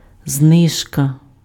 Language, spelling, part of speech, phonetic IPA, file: Ukrainian, знижка, noun, [ˈznɪʒkɐ], Uk-знижка.ogg
- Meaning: discount (reduction in price)